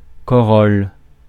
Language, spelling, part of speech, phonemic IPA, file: French, corolle, noun, /kɔ.ʁɔl/, Fr-corolle.ogg
- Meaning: corolla